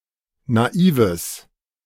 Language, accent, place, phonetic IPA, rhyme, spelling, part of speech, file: German, Germany, Berlin, [naˈiːvəs], -iːvəs, naives, adjective, De-naives.ogg
- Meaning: strong/mixed nominative/accusative neuter singular of naiv